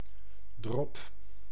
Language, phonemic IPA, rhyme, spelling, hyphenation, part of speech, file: Dutch, /drɔp/, -ɔp, drop, drop, noun, Nl-drop.ogg
- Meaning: 1. droplet 2. licorice, especially a variety sold as small sweets/candies